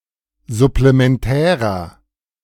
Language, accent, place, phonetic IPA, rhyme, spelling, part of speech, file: German, Germany, Berlin, [zʊplemɛnˈtɛːʁɐ], -ɛːʁɐ, supplementärer, adjective, De-supplementärer.ogg
- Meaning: inflection of supplementär: 1. strong/mixed nominative masculine singular 2. strong genitive/dative feminine singular 3. strong genitive plural